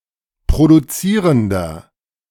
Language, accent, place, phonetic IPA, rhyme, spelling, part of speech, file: German, Germany, Berlin, [pʁoduˈt͡siːʁəndɐ], -iːʁəndɐ, produzierender, adjective, De-produzierender.ogg
- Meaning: inflection of produzierend: 1. strong/mixed nominative masculine singular 2. strong genitive/dative feminine singular 3. strong genitive plural